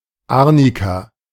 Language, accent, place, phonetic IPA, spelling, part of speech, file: German, Germany, Berlin, [ˈaʁnika], Arnika, noun, De-Arnika.ogg
- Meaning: Arnica (arnica)